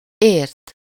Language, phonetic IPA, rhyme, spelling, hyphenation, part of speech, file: Hungarian, [ˈeːrt], -eːrt, ért, ért, verb, Hu-ért.ogg
- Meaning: 1. to understand 2. to mean, construe (either with úgy or with -n/-on/-en/-ön / alatt) 3. be familiar with, be skilled at something (-hoz/-hez/-höz) 4. third-person singular past of ér